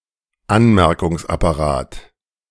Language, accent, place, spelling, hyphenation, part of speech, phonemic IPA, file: German, Germany, Berlin, Anmerkungsapparat, An‧mer‧kungs‧ap‧pa‧rat, noun, /ˈanmɛʁkʊŋs.apaˌʁaːt/, De-Anmerkungsapparat.ogg
- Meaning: scholarly apparatus